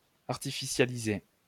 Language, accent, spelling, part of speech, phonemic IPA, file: French, France, artificialiser, verb, /aʁ.ti.fi.sja.li.ze/, LL-Q150 (fra)-artificialiser.wav
- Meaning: to artificialize